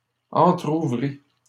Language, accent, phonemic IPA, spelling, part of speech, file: French, Canada, /ɑ̃.tʁu.vʁi/, entrouvrît, verb, LL-Q150 (fra)-entrouvrît.wav
- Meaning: third-person singular imperfect subjunctive of entrouvrir